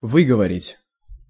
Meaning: 1. to articulate, to pronounce, to utter 2. to reserve for oneself, to stipulate, to set as a condition (in a contract, transaction, etc.) 3. to censure, to reprimand, to rebuke
- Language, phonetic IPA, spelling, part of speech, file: Russian, [ˈvɨɡəvərʲɪtʲ], выговорить, verb, Ru-выговорить.ogg